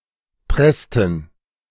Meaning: inflection of pressen: 1. first/third-person plural preterite 2. first/third-person plural subjunctive II
- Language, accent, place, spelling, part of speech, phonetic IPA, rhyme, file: German, Germany, Berlin, pressten, verb, [ˈpʁɛstn̩], -ɛstn̩, De-pressten.ogg